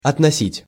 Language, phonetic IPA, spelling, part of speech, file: Russian, [ɐtnɐˈsʲitʲ], относить, verb, Ru-относить.ogg
- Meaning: 1. to refer 2. to attribute, to ascribe (to associate ownership or authorship with) 3. to relegate 4. to take 5. to charge 6. to appropriate 7. to take to 8. to take back